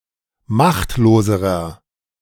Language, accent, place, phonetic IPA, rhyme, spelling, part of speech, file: German, Germany, Berlin, [ˈmaxtloːzəʁɐ], -axtloːzəʁɐ, machtloserer, adjective, De-machtloserer.ogg
- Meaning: inflection of machtlos: 1. strong/mixed nominative masculine singular comparative degree 2. strong genitive/dative feminine singular comparative degree 3. strong genitive plural comparative degree